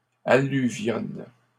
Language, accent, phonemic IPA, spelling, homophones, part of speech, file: French, Canada, /a.ly.vjɔn/, alluvionnes, alluvionne / alluvionnent, verb, LL-Q150 (fra)-alluvionnes.wav
- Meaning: second-person singular present indicative/subjunctive of alluvionner